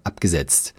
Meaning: past participle of absetzen
- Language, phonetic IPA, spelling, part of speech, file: German, [ˈapɡəˌz̥ɛt͡st], abgesetzt, verb, De-abgesetzt.ogg